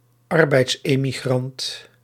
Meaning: labour emigrant
- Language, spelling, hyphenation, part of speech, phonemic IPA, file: Dutch, arbeidsemigrant, ar‧beids‧emi‧grant, noun, /ˈɑr.bɛi̯ts.eː.miˌɣrɑnt/, Nl-arbeidsemigrant.ogg